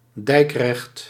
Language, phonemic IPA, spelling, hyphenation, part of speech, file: Dutch, /ˈdɛi̯k.rɛxt/, dijkrecht, dijk‧recht, noun, Nl-dijkrecht.ogg
- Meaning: 1. law pertaining to dikes and water management 2. a local council responsible for water management in regions of the north-eastern Netherlands; a water board